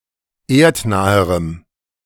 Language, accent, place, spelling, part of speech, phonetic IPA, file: German, Germany, Berlin, erdnaherem, adjective, [ˈeːɐ̯tˌnaːəʁəm], De-erdnaherem.ogg
- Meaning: strong dative masculine/neuter singular comparative degree of erdnah